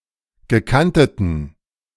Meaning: inflection of gekantet: 1. strong genitive masculine/neuter singular 2. weak/mixed genitive/dative all-gender singular 3. strong/weak/mixed accusative masculine singular 4. strong dative plural
- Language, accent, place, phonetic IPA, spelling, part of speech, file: German, Germany, Berlin, [ɡəˈkantətn̩], gekanteten, adjective, De-gekanteten.ogg